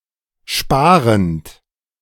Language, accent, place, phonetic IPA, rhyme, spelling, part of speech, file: German, Germany, Berlin, [ˈʃpaːʁənt], -aːʁənt, sparend, verb, De-sparend.ogg
- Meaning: present participle of sparen